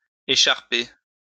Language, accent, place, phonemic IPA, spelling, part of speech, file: French, France, Lyon, /e.ʃaʁ.pe/, écharper, verb, LL-Q150 (fra)-écharper.wav
- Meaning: to cut to pieces; to tear to pieces